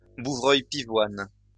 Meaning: a Eurasian bullfinch (Pyrrhula pyrrhula)
- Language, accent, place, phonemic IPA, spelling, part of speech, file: French, France, Lyon, /bu.vʁœj pi.vwan/, bouvreuil pivoine, noun, LL-Q150 (fra)-bouvreuil pivoine.wav